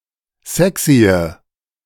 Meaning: inflection of sexy: 1. strong/mixed nominative/accusative feminine singular 2. strong nominative/accusative plural 3. weak nominative all-gender singular 4. weak accusative feminine/neuter singular
- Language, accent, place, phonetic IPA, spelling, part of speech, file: German, Germany, Berlin, [ˈzɛksiə], sexye, adjective, De-sexye.ogg